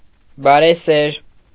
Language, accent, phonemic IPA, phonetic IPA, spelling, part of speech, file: Armenian, Eastern Armenian, /bɑɾeˈseɾ/, [bɑɾeséɾ], բարեսեր, adjective, Hy-բարեսեր.ogg
- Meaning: kind, virtuous, kindness-loving